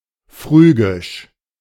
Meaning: Phrygian
- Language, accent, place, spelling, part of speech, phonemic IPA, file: German, Germany, Berlin, phrygisch, adjective, /ˈfʁyːɡɪʃ/, De-phrygisch.ogg